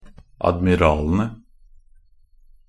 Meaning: definite plural of admiral
- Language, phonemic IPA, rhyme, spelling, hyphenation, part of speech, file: Norwegian Bokmål, /admɪˈrɑːlənə/, -ənə, admiralene, ad‧mi‧ra‧le‧ne, noun, Nb-admiralene.ogg